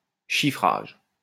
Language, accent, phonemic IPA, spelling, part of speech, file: French, France, /ʃi.fʁaʒ/, chiffrage, noun, LL-Q150 (fra)-chiffrage.wav
- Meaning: 1. numbering 2. ciphering